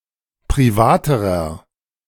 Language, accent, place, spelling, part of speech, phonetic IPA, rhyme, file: German, Germany, Berlin, privaterer, adjective, [pʁiˈvaːtəʁɐ], -aːtəʁɐ, De-privaterer.ogg
- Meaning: inflection of privat: 1. strong/mixed nominative masculine singular comparative degree 2. strong genitive/dative feminine singular comparative degree 3. strong genitive plural comparative degree